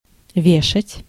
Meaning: 1. to hang, to hang up 2. to hang (execute)
- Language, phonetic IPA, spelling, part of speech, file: Russian, [ˈvʲeʂətʲ], вешать, verb, Ru-вешать.ogg